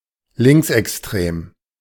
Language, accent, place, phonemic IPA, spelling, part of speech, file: German, Germany, Berlin, /ˈlɪŋksʔɛksˌtʁeːm/, linksextrem, adjective, De-linksextrem.ogg
- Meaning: far left